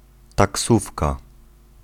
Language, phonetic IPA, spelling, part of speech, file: Polish, [taˈksufka], taksówka, noun, Pl-taksówka.ogg